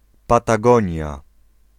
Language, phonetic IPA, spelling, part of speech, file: Polish, [ˌpataˈɡɔ̃ɲja], Patagonia, proper noun, Pl-Patagonia.ogg